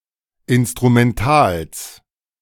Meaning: genitive of Instrumental
- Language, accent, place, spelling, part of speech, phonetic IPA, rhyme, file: German, Germany, Berlin, Instrumentals, noun, [ɪnstʁumɛnˈtaːls], -aːls, De-Instrumentals.ogg